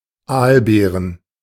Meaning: plural of Aalbeere
- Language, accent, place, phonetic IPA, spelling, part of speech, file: German, Germany, Berlin, [ˈaːlˌbeːʁən], Aalbeeren, noun, De-Aalbeeren.ogg